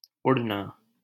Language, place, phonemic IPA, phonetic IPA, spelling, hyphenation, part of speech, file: Hindi, Delhi, /ʊɽ.nɑː/, [ʊɽ.näː], उड़ना, उड़‧ना, verb, LL-Q1568 (hin)-उड़ना.wav
- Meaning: 1. to fly, soar, glide 2. to take off 3. to dim, fuse 4. to explode, be bombed